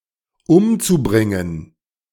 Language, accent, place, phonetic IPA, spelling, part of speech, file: German, Germany, Berlin, [ˈʊmt͡suˌbʁɪŋən], umzubringen, verb, De-umzubringen.ogg
- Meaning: zu-infinitive of umbringen